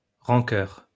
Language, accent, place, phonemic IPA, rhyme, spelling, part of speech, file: French, France, Lyon, /ʁɑ̃.kœʁ/, -œʁ, rancœur, noun, LL-Q150 (fra)-rancœur.wav
- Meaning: resentment, rancor